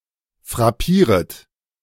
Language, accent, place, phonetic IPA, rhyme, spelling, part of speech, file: German, Germany, Berlin, [fʁaˈpiːʁət], -iːʁət, frappieret, verb, De-frappieret.ogg
- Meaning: second-person plural subjunctive I of frappieren